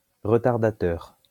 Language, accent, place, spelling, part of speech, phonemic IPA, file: French, France, Lyon, retardateur, noun, /ʁə.taʁ.da.tœʁ/, LL-Q150 (fra)-retardateur.wav
- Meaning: self-timer (on a camera)